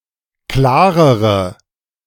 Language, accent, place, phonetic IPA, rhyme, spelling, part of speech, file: German, Germany, Berlin, [ˈklaːʁəʁə], -aːʁəʁə, klarere, adjective, De-klarere.ogg
- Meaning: inflection of klar: 1. strong/mixed nominative/accusative feminine singular comparative degree 2. strong nominative/accusative plural comparative degree